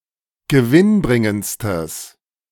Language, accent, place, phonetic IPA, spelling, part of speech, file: German, Germany, Berlin, [ɡəˈvɪnˌbʁɪŋənt͡stəs], gewinnbringendstes, adjective, De-gewinnbringendstes.ogg
- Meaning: strong/mixed nominative/accusative neuter singular superlative degree of gewinnbringend